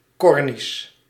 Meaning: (proper noun) Cornish (language); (adjective) Cornish (of, from or pertaining to the Cornish people, Cornish language or Cornwall)
- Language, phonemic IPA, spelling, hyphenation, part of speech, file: Dutch, /ˈkɔrnis/, Cornisch, Cor‧nisch, proper noun / adjective, Nl-Cornisch.ogg